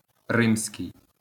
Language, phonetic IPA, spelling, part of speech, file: Ukrainian, [ˈrɪmsʲkei̯], римський, adjective, LL-Q8798 (ukr)-римський.wav
- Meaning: Roman